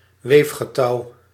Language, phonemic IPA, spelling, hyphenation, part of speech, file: Dutch, /ˈʋeːf.xəˌtɑu̯/, weefgetouw, weef‧ge‧touw, noun, Nl-weefgetouw.ogg
- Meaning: loom (frame used for weaving, of very variable size)